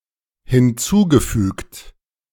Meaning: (verb) past participle of hinzufügen; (adjective) added
- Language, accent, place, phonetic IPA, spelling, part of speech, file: German, Germany, Berlin, [hɪnˈt͡suːɡəˌfyːkt], hinzugefügt, verb, De-hinzugefügt.ogg